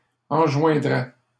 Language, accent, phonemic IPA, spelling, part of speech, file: French, Canada, /ɑ̃.ʒwɛ̃.dʁɛ/, enjoindrais, verb, LL-Q150 (fra)-enjoindrais.wav
- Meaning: first/second-person singular conditional of enjoindre